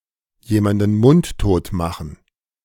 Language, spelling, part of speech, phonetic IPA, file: German, jemanden mundtot machen, phrase, [ˌjeːmandn̩ ˈmʊnttoːt ˌmaxn̩], De-jemanden mundtot machen.ogg